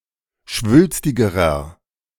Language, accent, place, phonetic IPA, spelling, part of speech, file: German, Germany, Berlin, [ˈʃvʏlstɪɡəʁɐ], schwülstigerer, adjective, De-schwülstigerer.ogg
- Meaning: inflection of schwülstig: 1. strong/mixed nominative masculine singular comparative degree 2. strong genitive/dative feminine singular comparative degree 3. strong genitive plural comparative degree